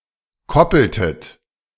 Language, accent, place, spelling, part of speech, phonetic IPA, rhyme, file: German, Germany, Berlin, koppeltet, verb, [ˈkɔpl̩tət], -ɔpl̩tət, De-koppeltet.ogg
- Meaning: inflection of koppeln: 1. second-person plural preterite 2. second-person plural subjunctive II